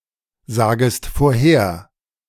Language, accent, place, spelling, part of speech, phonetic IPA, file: German, Germany, Berlin, sagest vorher, verb, [ˌzaːɡəst foːɐ̯ˈheːɐ̯], De-sagest vorher.ogg
- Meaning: second-person singular subjunctive I of vorhersagen